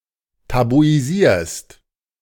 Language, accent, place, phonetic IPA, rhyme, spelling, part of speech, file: German, Germany, Berlin, [tabuiˈziːɐ̯st], -iːɐ̯st, tabuisierst, verb, De-tabuisierst.ogg
- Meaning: second-person singular present of tabuisieren